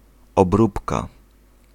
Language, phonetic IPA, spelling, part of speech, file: Polish, [ɔbˈrupka], obróbka, noun, Pl-obróbka.ogg